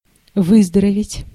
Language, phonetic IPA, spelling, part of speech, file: Russian, [ˈvɨzdərəvʲɪtʲ], выздороветь, verb, Ru-выздороветь.ogg
- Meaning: to get better, to recover, to convalesce